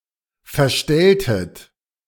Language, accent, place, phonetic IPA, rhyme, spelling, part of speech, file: German, Germany, Berlin, [fɛɐ̯ˈʃtɛltət], -ɛltət, verstelltet, verb, De-verstelltet.ogg
- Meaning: inflection of verstellen: 1. second-person plural preterite 2. second-person plural subjunctive II